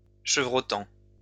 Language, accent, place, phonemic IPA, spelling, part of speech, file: French, France, Lyon, /ʃə.vʁɔ.tɑ̃/, chevrotant, verb / adjective, LL-Q150 (fra)-chevrotant.wav
- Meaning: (verb) present participle of chevroter; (adjective) quavering; shaking